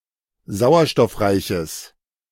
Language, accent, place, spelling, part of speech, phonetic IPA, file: German, Germany, Berlin, sauerstoffreiches, adjective, [ˈzaʊ̯ɐʃtɔfˌʁaɪ̯çəs], De-sauerstoffreiches.ogg
- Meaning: strong/mixed nominative/accusative neuter singular of sauerstoffreich